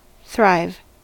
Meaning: 1. To grow or increase stature; to grow vigorously or luxuriantly; to enjoy a state of excellent health and well-being; to flourish 2. To increase in wealth or success; to prosper, be profitable
- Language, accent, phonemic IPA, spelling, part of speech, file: English, US, /θɹajv/, thrive, verb, En-us-thrive.ogg